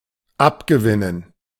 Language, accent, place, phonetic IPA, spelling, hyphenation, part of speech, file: German, Germany, Berlin, [ˈapɡəˌvɪnən], abgewinnen, ab‧ge‧win‧nen, verb, De-abgewinnen.ogg
- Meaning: 1. to win something from someone 2. to take pleasure in